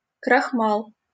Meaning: starch, amylum
- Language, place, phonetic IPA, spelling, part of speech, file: Russian, Saint Petersburg, [krɐxˈmaɫ], крахмал, noun, LL-Q7737 (rus)-крахмал.wav